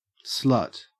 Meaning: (noun) 1. A sexually promiscuous woman 2. A sexually promiscuous woman.: A prostitute 3. Any sexually promiscuous person
- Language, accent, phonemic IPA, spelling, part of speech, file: English, Australia, /ˈsɫɐt/, slut, noun / verb, En-au-slut.ogg